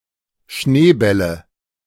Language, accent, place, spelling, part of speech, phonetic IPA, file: German, Germany, Berlin, Schneebälle, noun, [ˈʃneːˌbɛlə], De-Schneebälle.ogg
- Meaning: nominative/accusative/genitive plural of Schneeball